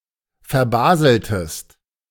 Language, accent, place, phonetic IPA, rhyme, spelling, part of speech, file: German, Germany, Berlin, [fɛɐ̯ˈbaːzl̩təst], -aːzl̩təst, verbaseltest, verb, De-verbaseltest.ogg
- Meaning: inflection of verbaseln: 1. second-person singular preterite 2. second-person singular subjunctive II